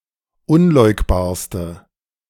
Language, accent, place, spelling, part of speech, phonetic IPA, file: German, Germany, Berlin, unleugbarste, adjective, [ˈʊnˌlɔɪ̯kbaːɐ̯stə], De-unleugbarste.ogg
- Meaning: inflection of unleugbar: 1. strong/mixed nominative/accusative feminine singular superlative degree 2. strong nominative/accusative plural superlative degree